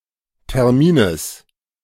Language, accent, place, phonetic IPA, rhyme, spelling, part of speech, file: German, Germany, Berlin, [tɛʁˈmiːnəs], -iːnəs, Termines, noun, De-Termines.ogg
- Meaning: genitive singular of Termin